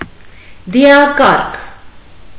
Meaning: hearse (vehicle for transporting the dead)
- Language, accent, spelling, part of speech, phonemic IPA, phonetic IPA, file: Armenian, Eastern Armenian, դիակառք, noun, /diɑˈkɑrkʰ/, [di(j)ɑkɑ́rkʰ], Hy-դիակառք.ogg